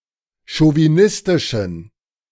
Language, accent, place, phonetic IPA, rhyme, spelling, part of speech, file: German, Germany, Berlin, [ʃoviˈnɪstɪʃn̩], -ɪstɪʃn̩, chauvinistischen, adjective, De-chauvinistischen.ogg
- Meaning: inflection of chauvinistisch: 1. strong genitive masculine/neuter singular 2. weak/mixed genitive/dative all-gender singular 3. strong/weak/mixed accusative masculine singular 4. strong dative plural